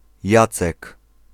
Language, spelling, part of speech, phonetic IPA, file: Polish, Jacek, proper noun, [ˈjat͡sɛk], Pl-Jacek.ogg